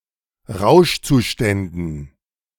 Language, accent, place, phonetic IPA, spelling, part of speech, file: German, Germany, Berlin, [ˈʁaʊ̯ʃt͡suˌʃtɛndn̩], Rauschzuständen, noun, De-Rauschzuständen.ogg
- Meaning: dative plural of Rauschzustand